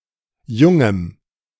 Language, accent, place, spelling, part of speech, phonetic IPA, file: German, Germany, Berlin, jungem, adjective, [ˈjʊŋəm], De-jungem.ogg
- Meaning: strong dative masculine/neuter singular of jung